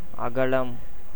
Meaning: 1. width, breadth 2. extent, expanse 3. earth 4. sky, atmosphere 5. breast, chest 6. greatness
- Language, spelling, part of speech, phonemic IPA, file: Tamil, அகலம், noun, /ɐɡɐlɐm/, Ta-அகலம்.ogg